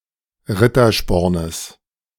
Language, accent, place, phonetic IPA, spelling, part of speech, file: German, Germany, Berlin, [ˈʁɪtɐˌʃpɔʁnəs], Ritterspornes, noun, De-Ritterspornes.ogg
- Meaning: genitive singular of Rittersporn